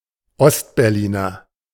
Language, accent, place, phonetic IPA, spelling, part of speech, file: German, Germany, Berlin, [ˈɔstbɛʁˌliːnɐ], Ostberliner, noun / adjective, De-Ostberliner.ogg
- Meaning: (noun) East Berliner; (adjective) East Berlin